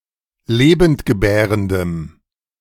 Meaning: strong dative masculine/neuter singular of lebendgebärend
- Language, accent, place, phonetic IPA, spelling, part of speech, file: German, Germany, Berlin, [ˈleːbəntɡəˌbɛːʁəndəm], lebendgebärendem, adjective, De-lebendgebärendem.ogg